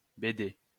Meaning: comic strip, comic book
- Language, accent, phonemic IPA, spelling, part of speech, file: French, France, /be.de/, bédé, noun, LL-Q150 (fra)-bédé.wav